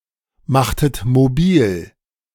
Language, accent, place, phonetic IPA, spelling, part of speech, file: German, Germany, Berlin, [ˌmaxtət moˈbiːl], machtet mobil, verb, De-machtet mobil.ogg
- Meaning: inflection of mobilmachen: 1. second-person plural preterite 2. second-person plural subjunctive II